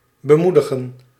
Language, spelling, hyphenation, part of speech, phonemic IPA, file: Dutch, bemoedigen, be‧moe‧di‧gen, verb, /bəˈmudəɣə(n)/, Nl-bemoedigen.ogg
- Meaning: to encourage